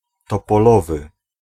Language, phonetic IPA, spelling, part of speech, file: Polish, [ˌtɔpɔˈlɔvɨ], topolowy, adjective, Pl-topolowy.ogg